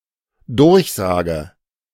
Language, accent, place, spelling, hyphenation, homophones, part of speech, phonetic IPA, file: German, Germany, Berlin, durchsage, durch‧sa‧ge, Durchsage, verb, [ˈdʊʁçˌzaːɡə], De-durchsage.ogg
- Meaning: inflection of durchsagen: 1. first-person singular dependent present 2. first/third-person singular dependent subjunctive I